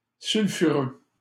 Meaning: 1. sulfurous / sulphurous 2. scandalous (clothing, etc.) 3. inflammatory (behaviour, etc.), fire-and-brimstone
- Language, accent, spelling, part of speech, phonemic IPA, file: French, Canada, sulfureux, adjective, /syl.fy.ʁø/, LL-Q150 (fra)-sulfureux.wav